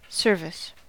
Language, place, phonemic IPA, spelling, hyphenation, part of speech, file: English, California, /ˈsɝ.vɪs/, service, ser‧vice, noun / verb, En-us-service.ogg
- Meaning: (noun) 1. An act of being of assistance to someone 2. The state of being subordinate to or employed by an individual or group 3. Work as a member of the military 4. The military